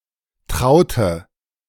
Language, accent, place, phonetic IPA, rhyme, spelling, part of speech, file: German, Germany, Berlin, [ˈtʁaʊ̯tə], -aʊ̯tə, traute, adjective / verb, De-traute.ogg
- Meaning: inflection of trauen: 1. first/third-person singular preterite 2. first/third-person singular subjunctive II